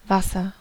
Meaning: 1. water (H₂O) 2. water, waters (body of water, especially a river or lake) 3. alcoholic beverage, similar to brandy, made from fermented fruit 4. urine 5. clipping of Mineralwasser/Tafelwasser
- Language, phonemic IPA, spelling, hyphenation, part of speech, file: German, /ˈvasər/, Wasser, Was‧ser, noun, De-Wasser.ogg